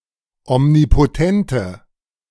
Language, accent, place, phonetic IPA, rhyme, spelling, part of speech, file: German, Germany, Berlin, [ɔmnipoˈtɛntə], -ɛntə, omnipotente, adjective, De-omnipotente.ogg
- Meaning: inflection of omnipotent: 1. strong/mixed nominative/accusative feminine singular 2. strong nominative/accusative plural 3. weak nominative all-gender singular